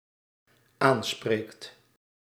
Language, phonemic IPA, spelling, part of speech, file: Dutch, /ˈansprekt/, aanspreekt, verb, Nl-aanspreekt.ogg
- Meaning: second/third-person singular dependent-clause present indicative of aanspreken